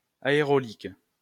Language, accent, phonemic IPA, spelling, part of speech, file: French, France, /a.e.ʁo.lik/, aéraulique, adjective, LL-Q150 (fra)-aéraulique.wav
- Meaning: aeraulic